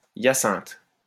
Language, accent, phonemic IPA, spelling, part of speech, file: French, France, /ja.sɛ̃t/, hyacinthe, noun, LL-Q150 (fra)-hyacinthe.wav
- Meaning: 1. hyacinth 2. hematoid quartz 3. a medicinal preparation which includes hematoid quartz stones and a number of other ingredients